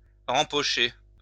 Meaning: to put back in one's pocket
- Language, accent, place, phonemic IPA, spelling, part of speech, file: French, France, Lyon, /ʁɑ̃.pɔ.ʃe/, rempocher, verb, LL-Q150 (fra)-rempocher.wav